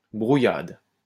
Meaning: scrambled eggs
- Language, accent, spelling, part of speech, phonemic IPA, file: French, France, brouillade, noun, /bʁu.jad/, LL-Q150 (fra)-brouillade.wav